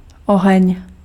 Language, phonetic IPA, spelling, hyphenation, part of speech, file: Czech, [ˈoɦɛɲ], oheň, oheň, noun, Cs-oheň.ogg
- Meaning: 1. fire 2. conflagration 3. fire; shooting 4. fever